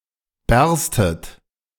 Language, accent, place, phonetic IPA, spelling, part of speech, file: German, Germany, Berlin, [ˈbɛʁstət], bärstet, verb, De-bärstet.ogg
- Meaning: second-person plural subjunctive I of bersten